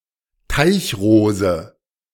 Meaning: water lily
- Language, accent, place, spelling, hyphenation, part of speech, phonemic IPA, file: German, Germany, Berlin, Teichrose, Teich‧ro‧se, noun, /ˈtaɪ̯çˌʁoːzə/, De-Teichrose.ogg